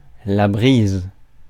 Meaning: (noun) breeze; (verb) inflection of briser: 1. first/third-person singular present indicative/subjunctive 2. second-person singular imperative
- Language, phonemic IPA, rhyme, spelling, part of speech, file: French, /bʁiz/, -iz, brise, noun / verb, Fr-brise.ogg